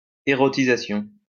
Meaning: eroticization
- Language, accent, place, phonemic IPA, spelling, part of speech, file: French, France, Lyon, /e.ʁɔ.ti.za.sjɔ̃/, érotisation, noun, LL-Q150 (fra)-érotisation.wav